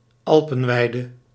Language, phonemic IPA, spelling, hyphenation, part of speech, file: Dutch, /ˈɑl.pə(n)ˌʋɛi̯.də/, alpenweide, al‧pen‧wei‧de, noun, Nl-alpenweide.ogg
- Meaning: alpine pasture